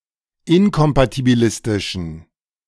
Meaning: inflection of inkompatibilistisch: 1. strong genitive masculine/neuter singular 2. weak/mixed genitive/dative all-gender singular 3. strong/weak/mixed accusative masculine singular
- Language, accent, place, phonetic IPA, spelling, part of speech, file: German, Germany, Berlin, [ˈɪnkɔmpatibiˌlɪstɪʃn̩], inkompatibilistischen, adjective, De-inkompatibilistischen.ogg